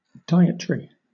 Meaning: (noun) A regulated diet that excludes or constrains certain types of food, especially for health reasons; also, a book or similar setting out such regulations
- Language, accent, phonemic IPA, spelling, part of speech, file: English, Southern England, /ˈdaɪət(ə)ɹi/, dietary, noun / adjective, LL-Q1860 (eng)-dietary.wav